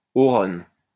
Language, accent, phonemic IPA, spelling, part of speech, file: French, France, /ɔ.ʁɔn/, aurone, noun, LL-Q150 (fra)-aurone.wav
- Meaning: southernwood